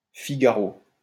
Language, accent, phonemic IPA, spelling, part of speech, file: French, France, /fi.ɡa.ʁo/, figaro, noun, LL-Q150 (fra)-figaro.wav
- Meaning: barber